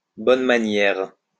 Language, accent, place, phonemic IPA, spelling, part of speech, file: French, France, Lyon, /bɔn ma.njɛʁ/, bonnes manières, noun, LL-Q150 (fra)-bonnes manières.wav
- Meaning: good manners